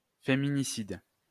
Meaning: femicide
- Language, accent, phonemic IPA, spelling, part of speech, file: French, France, /fe.mi.ni.sid/, féminicide, noun, LL-Q150 (fra)-féminicide.wav